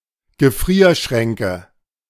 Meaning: nominative/accusative/genitive plural of Gefrierschrank
- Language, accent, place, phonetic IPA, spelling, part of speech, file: German, Germany, Berlin, [ɡəˈfʁiːɐ̯ˌʃʁɛŋkə], Gefrierschränke, noun, De-Gefrierschränke.ogg